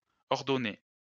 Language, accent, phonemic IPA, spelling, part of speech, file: French, France, /ɔʁ.dɔ.ne/, ordonnée, noun / verb, LL-Q150 (fra)-ordonnée.wav
- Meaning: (noun) ordinate (y coordinate); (verb) feminine singular of ordonné